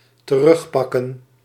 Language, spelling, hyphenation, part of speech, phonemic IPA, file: Dutch, terugpakken, te‧rug‧pak‧ken, verb, /t(ə)ˈrʏxpɑkə(n)/, Nl-terugpakken.ogg
- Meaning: 1. to take back; to get back 2. to avenge; to revenge